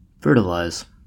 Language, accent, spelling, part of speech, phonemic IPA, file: English, US, fertilize, verb, /ˈfɜː(ɹ)tɪlaɪz/, En-us-fertilize.ogg
- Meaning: 1. To make (the soil) more fertile by adding nutrients to it 2. To make more creative or intellectually productive 3. To cause to produce offspring through insemination; to inseminate